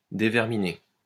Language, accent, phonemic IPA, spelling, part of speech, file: French, France, /de.vɛʁ.mi.ne/, déverminer, verb, LL-Q150 (fra)-déverminer.wav
- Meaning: to debug